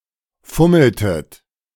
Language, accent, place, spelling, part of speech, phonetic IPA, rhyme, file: German, Germany, Berlin, fummeltet, verb, [ˈfʊml̩tət], -ʊml̩tət, De-fummeltet.ogg
- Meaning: inflection of fummeln: 1. second-person plural preterite 2. second-person plural subjunctive II